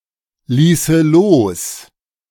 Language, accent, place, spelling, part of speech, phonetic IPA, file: German, Germany, Berlin, ließe los, verb, [ˌliːsə ˈloːs], De-ließe los.ogg
- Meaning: first/third-person singular subjunctive II of loslassen